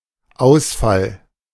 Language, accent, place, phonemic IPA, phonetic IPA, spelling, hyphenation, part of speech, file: German, Germany, Berlin, /ˈaʊ̯sfal/, [ˈʔaʊ̯sfal], Ausfall, Aus‧fall, noun, De-Ausfall.ogg
- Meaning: 1. failure, loss, breakdown 2. outage 3. deficiency 4. sortie 5. abuse, attack, invective